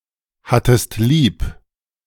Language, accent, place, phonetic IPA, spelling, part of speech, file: German, Germany, Berlin, [ˌhatəst ˈliːp], hattest lieb, verb, De-hattest lieb.ogg
- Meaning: second-person singular preterite of lieb haben